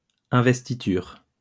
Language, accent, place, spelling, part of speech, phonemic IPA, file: French, France, Lyon, investiture, noun, /ɛ̃.vɛs.ti.tyʁ/, LL-Q150 (fra)-investiture.wav
- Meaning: 1. investiture 2. inauguration